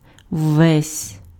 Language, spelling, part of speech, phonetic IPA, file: Ukrainian, ввесь, pronoun, [ʋːɛsʲ], Uk-ввесь.ogg
- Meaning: alternative form of весь (vesʹ, “all, the whole”) (after vowels)